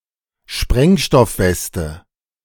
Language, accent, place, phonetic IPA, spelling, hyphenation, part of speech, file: German, Germany, Berlin, [ˈʃpʁɛŋʃtɔfˌvɛstə], Sprengstoffweste, Spreng‧stoff‧wes‧te, noun, De-Sprengstoffweste.ogg
- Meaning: suicide vest